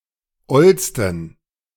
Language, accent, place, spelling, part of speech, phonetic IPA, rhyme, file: German, Germany, Berlin, ollsten, adjective, [ˈɔlstn̩], -ɔlstn̩, De-ollsten.ogg
- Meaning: 1. superlative degree of oll 2. inflection of oll: strong genitive masculine/neuter singular superlative degree 3. inflection of oll: weak/mixed genitive/dative all-gender singular superlative degree